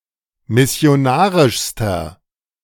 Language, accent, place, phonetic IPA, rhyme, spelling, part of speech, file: German, Germany, Berlin, [mɪsi̯oˈnaːʁɪʃstɐ], -aːʁɪʃstɐ, missionarischster, adjective, De-missionarischster.ogg
- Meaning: inflection of missionarisch: 1. strong/mixed nominative masculine singular superlative degree 2. strong genitive/dative feminine singular superlative degree